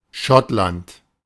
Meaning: Scotland (a constituent country of the United Kingdom)
- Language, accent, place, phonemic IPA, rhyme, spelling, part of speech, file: German, Germany, Berlin, /ˈʃɔtlant/, -ant, Schottland, proper noun, De-Schottland.ogg